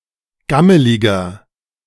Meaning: inflection of gammelig: 1. strong/mixed nominative masculine singular 2. strong genitive/dative feminine singular 3. strong genitive plural
- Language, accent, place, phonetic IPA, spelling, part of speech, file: German, Germany, Berlin, [ˈɡaməlɪɡɐ], gammeliger, adjective, De-gammeliger.ogg